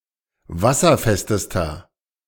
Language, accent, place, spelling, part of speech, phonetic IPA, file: German, Germany, Berlin, wasserfestester, adjective, [ˈvasɐˌfɛstəstɐ], De-wasserfestester.ogg
- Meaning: inflection of wasserfest: 1. strong/mixed nominative masculine singular superlative degree 2. strong genitive/dative feminine singular superlative degree 3. strong genitive plural superlative degree